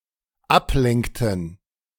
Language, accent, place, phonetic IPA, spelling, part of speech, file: German, Germany, Berlin, [ˈapˌlɛŋktn̩], ablenkten, verb, De-ablenkten.ogg
- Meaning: inflection of ablenken: 1. first/third-person plural dependent preterite 2. first/third-person plural dependent subjunctive II